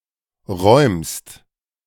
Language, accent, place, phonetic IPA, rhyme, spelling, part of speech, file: German, Germany, Berlin, [ʁɔɪ̯mst], -ɔɪ̯mst, räumst, verb, De-räumst.ogg
- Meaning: second-person singular present of räumen